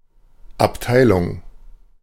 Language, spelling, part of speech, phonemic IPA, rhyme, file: German, Abteilung, noun, /apˈtaɪ̯lʊŋ/, -taɪ̯lʊŋ, De-Abteilung.ogg
- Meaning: 1. department 2. division 3. battalion